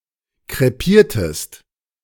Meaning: inflection of krepieren: 1. second-person singular preterite 2. second-person singular subjunctive II
- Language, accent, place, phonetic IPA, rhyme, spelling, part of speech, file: German, Germany, Berlin, [kʁeˈpiːɐ̯təst], -iːɐ̯təst, krepiertest, verb, De-krepiertest.ogg